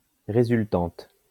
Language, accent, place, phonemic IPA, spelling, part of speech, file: French, France, Lyon, /ʁe.zyl.tɑ̃t/, résultante, noun, LL-Q150 (fra)-résultante.wav
- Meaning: result, consequence